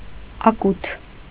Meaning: 1. hearth for cooking food 2. small tandoor
- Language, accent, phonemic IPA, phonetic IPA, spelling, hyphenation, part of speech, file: Armenian, Eastern Armenian, /ɑˈkutʰ/, [ɑkútʰ], ակութ, ա‧կութ, noun, Hy-ակութ.ogg